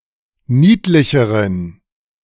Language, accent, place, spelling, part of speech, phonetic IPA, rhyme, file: German, Germany, Berlin, niedlicheren, adjective, [ˈniːtlɪçəʁən], -iːtlɪçəʁən, De-niedlicheren.ogg
- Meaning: inflection of niedlich: 1. strong genitive masculine/neuter singular comparative degree 2. weak/mixed genitive/dative all-gender singular comparative degree